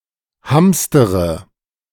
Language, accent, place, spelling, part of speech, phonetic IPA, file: German, Germany, Berlin, hamstere, verb, [ˈhamstəʁə], De-hamstere.ogg
- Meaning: inflection of hamstern: 1. first-person singular present 2. first/third-person singular subjunctive I 3. singular imperative